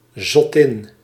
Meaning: a madwoman, a crazy woman
- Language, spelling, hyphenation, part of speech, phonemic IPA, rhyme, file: Dutch, zottin, zot‧tin, noun, /zɔˈtɪn/, -ɪn, Nl-zottin.ogg